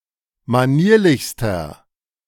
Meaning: inflection of manierlich: 1. strong/mixed nominative masculine singular superlative degree 2. strong genitive/dative feminine singular superlative degree 3. strong genitive plural superlative degree
- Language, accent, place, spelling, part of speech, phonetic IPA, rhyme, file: German, Germany, Berlin, manierlichster, adjective, [maˈniːɐ̯lɪçstɐ], -iːɐ̯lɪçstɐ, De-manierlichster.ogg